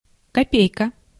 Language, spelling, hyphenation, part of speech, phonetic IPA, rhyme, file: Russian, копейка, ко‧пей‧ка, noun, [kɐˈpʲejkə], -ejkə, Ru-копейка.ogg
- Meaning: 1. kopek, kopeck; also copeck (one 100th of ruble, the monetary unit of Russia) 2. VAZ-2101